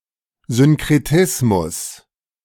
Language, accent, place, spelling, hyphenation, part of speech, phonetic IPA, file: German, Germany, Berlin, Synkretismus, Syn‧kre‧tis‧mus, noun, [synkʁɛtɪsmus], De-Synkretismus.ogg
- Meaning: syncretism